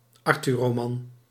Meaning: Arthurian romance
- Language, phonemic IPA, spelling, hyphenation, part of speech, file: Dutch, /ˈɑr.tyː(r).roːˌmɑn/, Arthurroman, Ar‧thur‧ro‧man, noun, Nl-Arthurroman.ogg